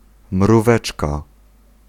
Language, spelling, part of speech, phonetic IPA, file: Polish, mróweczka, noun, [mruˈvɛt͡ʃka], Pl-mróweczka.ogg